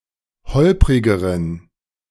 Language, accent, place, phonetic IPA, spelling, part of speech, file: German, Germany, Berlin, [ˈhɔlpʁɪɡəʁən], holprigeren, adjective, De-holprigeren.ogg
- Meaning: inflection of holprig: 1. strong genitive masculine/neuter singular comparative degree 2. weak/mixed genitive/dative all-gender singular comparative degree